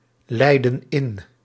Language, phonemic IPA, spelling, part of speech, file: Dutch, /ˈlɛidə(n) ˈɪn/, leiden in, verb, Nl-leiden in.ogg
- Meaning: inflection of inleiden: 1. plural present indicative 2. plural present subjunctive